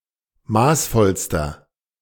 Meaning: inflection of maßvoll: 1. strong/mixed nominative masculine singular superlative degree 2. strong genitive/dative feminine singular superlative degree 3. strong genitive plural superlative degree
- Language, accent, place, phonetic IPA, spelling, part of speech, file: German, Germany, Berlin, [ˈmaːsˌfɔlstɐ], maßvollster, adjective, De-maßvollster.ogg